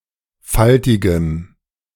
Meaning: strong dative masculine/neuter singular of faltig
- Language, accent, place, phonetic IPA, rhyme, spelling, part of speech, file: German, Germany, Berlin, [ˈfaltɪɡəm], -altɪɡəm, faltigem, adjective, De-faltigem.ogg